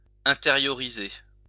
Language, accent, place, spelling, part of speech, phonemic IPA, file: French, France, Lyon, intérioriser, verb, /ɛ̃.te.ʁjɔ.ʁi.ze/, LL-Q150 (fra)-intérioriser.wav
- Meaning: 1. to internalize, to interiorize 2. to accept, to receive, to take in 3. to take on, to assume